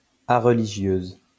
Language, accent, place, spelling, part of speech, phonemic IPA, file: French, France, Lyon, areligieuse, adjective, /a.ʁ(ə).li.ʒjøz/, LL-Q150 (fra)-areligieuse.wav
- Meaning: feminine singular of areligieux